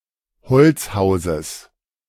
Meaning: genitive singular of Holzhaus
- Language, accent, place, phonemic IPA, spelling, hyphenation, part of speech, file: German, Germany, Berlin, /ˈhɔl(t)sˌhaʊ̯zəs/, Holzhauses, Holz‧hau‧ses, noun, De-Holzhauses.ogg